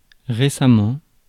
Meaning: recently
- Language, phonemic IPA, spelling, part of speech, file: French, /ʁe.sa.mɑ̃/, récemment, adverb, Fr-récemment.ogg